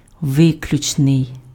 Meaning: exclusive
- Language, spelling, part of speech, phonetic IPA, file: Ukrainian, виключний, adjective, [ˈʋɪklʲʊt͡ʃnei̯], Uk-виключний.ogg